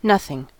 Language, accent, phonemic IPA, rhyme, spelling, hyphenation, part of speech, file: English, US, /ˈnʌθɪŋ/, -ʌθɪŋ, nothing, noth‧ing, pronoun / noun / adverb / adjective / interjection, En-us-nothing.ogg
- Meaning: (pronoun) 1. Not any thing; no thing 2. An absence of anything, including empty space, brightness, darkness, matter, or a vacuum; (noun) Something trifling, or of no consequence or importance